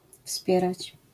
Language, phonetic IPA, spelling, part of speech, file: Polish, [ˈfspʲjɛrat͡ɕ], wspierać, verb, LL-Q809 (pol)-wspierać.wav